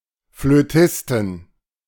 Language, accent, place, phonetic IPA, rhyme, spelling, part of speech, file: German, Germany, Berlin, [fløˈtɪstn̩], -ɪstn̩, Flötisten, noun, De-Flötisten.ogg
- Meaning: inflection of Flötist: 1. genitive/dative/accusative singular 2. nominative/genitive/dative/accusative plural